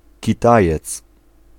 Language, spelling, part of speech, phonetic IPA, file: Polish, kitajec, noun, [ciˈtajɛt͡s], Pl-kitajec.ogg